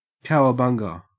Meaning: Expressing amazement, enthusiasm, or joy
- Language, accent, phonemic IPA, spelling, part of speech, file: English, Australia, /ˌkæɔəˈbaŋɡə/, cowabunga, interjection, En-au-cowabunga.ogg